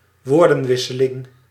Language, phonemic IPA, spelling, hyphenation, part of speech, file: Dutch, /ˌʋoːrdə(n)ˈʋɪsəlɪŋ/, woordenwisseling, woor‧den‧wis‧se‧ling, noun, Nl-woordenwisseling.ogg
- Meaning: an angry discussion using unfriendly words